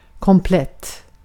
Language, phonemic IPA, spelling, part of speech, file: Swedish, /kɔmˈplɛt/, komplett, adjective, Sv-komplett.ogg
- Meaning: complete (similar senses to English)